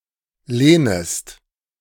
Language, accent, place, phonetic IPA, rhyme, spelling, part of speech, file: German, Germany, Berlin, [ˈleːnəst], -eːnəst, lehnest, verb, De-lehnest.ogg
- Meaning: second-person singular subjunctive I of lehnen